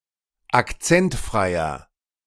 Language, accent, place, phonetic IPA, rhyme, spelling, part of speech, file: German, Germany, Berlin, [akˈt͡sɛntˌfʁaɪ̯ɐ], -ɛntfʁaɪ̯ɐ, akzentfreier, adjective, De-akzentfreier.ogg
- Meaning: inflection of akzentfrei: 1. strong/mixed nominative masculine singular 2. strong genitive/dative feminine singular 3. strong genitive plural